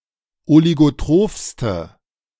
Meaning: inflection of oligotroph: 1. strong/mixed nominative/accusative feminine singular superlative degree 2. strong nominative/accusative plural superlative degree
- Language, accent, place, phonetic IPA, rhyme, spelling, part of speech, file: German, Germany, Berlin, [oliɡoˈtʁoːfstə], -oːfstə, oligotrophste, adjective, De-oligotrophste.ogg